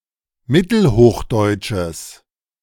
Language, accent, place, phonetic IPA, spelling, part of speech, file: German, Germany, Berlin, [ˈmɪtl̩ˌhoːxdɔɪ̯tʃəs], mittelhochdeutsches, adjective, De-mittelhochdeutsches.ogg
- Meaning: strong/mixed nominative/accusative neuter singular of mittelhochdeutsch